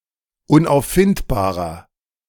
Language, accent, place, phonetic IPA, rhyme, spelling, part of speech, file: German, Germany, Berlin, [ʊnʔaʊ̯fˈfɪntbaːʁɐ], -ɪntbaːʁɐ, unauffindbarer, adjective, De-unauffindbarer.ogg
- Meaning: inflection of unauffindbar: 1. strong/mixed nominative masculine singular 2. strong genitive/dative feminine singular 3. strong genitive plural